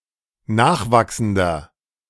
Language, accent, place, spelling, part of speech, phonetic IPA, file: German, Germany, Berlin, nachwachsender, adjective, [ˈnaːxˌvaksn̩dɐ], De-nachwachsender.ogg
- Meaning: inflection of nachwachsend: 1. strong/mixed nominative masculine singular 2. strong genitive/dative feminine singular 3. strong genitive plural